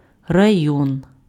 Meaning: 1. district 2. region, area 3. raion
- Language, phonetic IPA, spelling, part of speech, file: Ukrainian, [rɐˈjɔn], район, noun, Uk-район.ogg